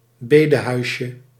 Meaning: diminutive of bedehuis
- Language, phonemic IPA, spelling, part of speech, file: Dutch, /ˈbedəhœyʃə/, bedehuisje, noun, Nl-bedehuisje.ogg